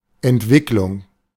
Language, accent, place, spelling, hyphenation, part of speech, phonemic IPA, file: German, Germany, Berlin, Entwicklung, Ent‧wick‧lung, noun, /ɛntˈvɪklʊŋ/, De-Entwicklung.ogg
- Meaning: 1. evolution 2. development